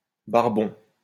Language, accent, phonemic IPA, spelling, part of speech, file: French, France, /baʁ.bɔ̃/, barbon, noun, LL-Q150 (fra)-barbon.wav
- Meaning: 1. greybeard (old man) 2. broomsedge (of genus Andropogon)